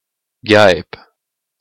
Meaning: wasp (any of many types of stinging flying insects resembling a hornet, normally of the suborder Apocrita)
- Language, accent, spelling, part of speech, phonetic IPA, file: French, Quebec, guêpe, noun, [ɡaɛ̯p], Qc-guêpe.oga